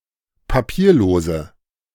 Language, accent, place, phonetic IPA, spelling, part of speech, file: German, Germany, Berlin, [paˈpiːɐ̯ˌloːzə], papierlose, adjective, De-papierlose.ogg
- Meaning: inflection of papierlos: 1. strong/mixed nominative/accusative feminine singular 2. strong nominative/accusative plural 3. weak nominative all-gender singular